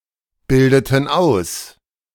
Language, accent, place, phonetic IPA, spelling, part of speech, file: German, Germany, Berlin, [ˌbɪldətn̩ ˈaʊ̯s], bildeten aus, verb, De-bildeten aus.ogg
- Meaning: inflection of ausbilden: 1. first/third-person plural preterite 2. first/third-person plural subjunctive II